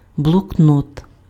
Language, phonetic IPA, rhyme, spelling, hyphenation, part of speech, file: Ukrainian, [bɫɔkˈnɔt], -ɔt, блокнот, бло‧кнот, noun, Uk-блокнот.ogg
- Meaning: notebook (book for writing notes)